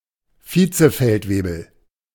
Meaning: senior NCO, just below a feldwebel/sergeant
- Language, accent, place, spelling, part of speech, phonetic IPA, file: German, Germany, Berlin, Vizefeldwebel, noun, [ˈfiːt͡səˌfɛltveːbl̩], De-Vizefeldwebel.ogg